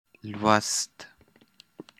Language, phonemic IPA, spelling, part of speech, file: Pashto, /lwəst̪/, لوست, noun, Lwast.wav
- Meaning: 1. Lesson 2. Reading